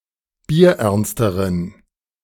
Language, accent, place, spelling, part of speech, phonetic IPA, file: German, Germany, Berlin, bierernsteren, adjective, [biːɐ̯ˈʔɛʁnstəʁən], De-bierernsteren.ogg
- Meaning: inflection of bierernst: 1. strong genitive masculine/neuter singular comparative degree 2. weak/mixed genitive/dative all-gender singular comparative degree